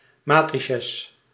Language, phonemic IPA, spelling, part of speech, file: Dutch, /ˈmaːtrɪsəs/, matrices, noun, Nl-matrices.ogg
- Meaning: plural of matrix